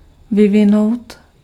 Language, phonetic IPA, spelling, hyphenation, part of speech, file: Czech, [ˈvɪvɪnou̯t], vyvinout, vy‧vi‧nout, verb, Cs-vyvinout.ogg
- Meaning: to develop